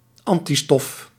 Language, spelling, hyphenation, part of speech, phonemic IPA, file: Dutch, antistof, an‧ti‧stof, noun, /ˈɑn.tiˌstɔf/, Nl-antistof.ogg
- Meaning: antibody